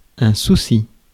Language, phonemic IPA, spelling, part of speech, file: French, /su.si/, souci, noun, Fr-souci.ogg
- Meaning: 1. worry; concern 2. a problem